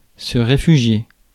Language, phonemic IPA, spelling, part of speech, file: French, /ʁe.fy.ʒje/, réfugier, verb, Fr-réfugier.ogg
- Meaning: 1. to take refuge 2. to give shelter to someone 3. to protect, to conceal something